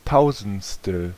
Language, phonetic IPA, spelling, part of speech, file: German, [ˈtaʊ̯zn̩t͡stl̩], Tausendstel, noun, De-Tausendstel.ogg
- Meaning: thousandth